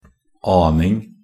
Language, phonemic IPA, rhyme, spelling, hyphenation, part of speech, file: Norwegian Bokmål, /ˈɑːnɪŋ/, -ɪŋ, aning, an‧ing, noun, Nb-aning.ogg
- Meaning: 1. the act of guessing, sensing, suspecting; a clue, idea 2. a hint, bit, little (a small amount of) 3. a slight wind that barely moves the ocean surface